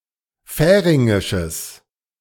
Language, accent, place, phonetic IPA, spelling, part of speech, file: German, Germany, Berlin, [ˈfɛːʁɪŋɪʃəs], färingisches, adjective, De-färingisches.ogg
- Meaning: strong/mixed nominative/accusative neuter singular of färingisch